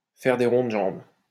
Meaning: to bow and scrape, to kowtow (to behave in a servile, obsequious, or excessively polite manner)
- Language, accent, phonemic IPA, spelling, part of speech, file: French, France, /fɛʁ de ʁɔ̃ d(ə) ʒɑ̃b/, faire des ronds de jambe, verb, LL-Q150 (fra)-faire des ronds de jambe.wav